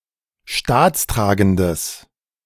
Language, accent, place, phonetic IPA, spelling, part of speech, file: German, Germany, Berlin, [ˈʃtaːt͡sˌtʁaːɡn̩dəs], staatstragendes, adjective, De-staatstragendes.ogg
- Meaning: strong/mixed nominative/accusative neuter singular of staatstragend